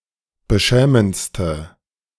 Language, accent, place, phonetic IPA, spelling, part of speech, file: German, Germany, Berlin, [bəˈʃɛːmənt͡stə], beschämendste, adjective, De-beschämendste.ogg
- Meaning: inflection of beschämend: 1. strong/mixed nominative/accusative feminine singular superlative degree 2. strong nominative/accusative plural superlative degree